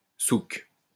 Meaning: 1. souq (Arabic market) 2. mess, chaos
- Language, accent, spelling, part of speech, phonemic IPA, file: French, France, souk, noun, /suk/, LL-Q150 (fra)-souk.wav